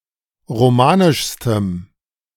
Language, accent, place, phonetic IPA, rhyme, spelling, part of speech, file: German, Germany, Berlin, [ʁoˈmaːnɪʃstəm], -aːnɪʃstəm, romanischstem, adjective, De-romanischstem.ogg
- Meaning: strong dative masculine/neuter singular superlative degree of romanisch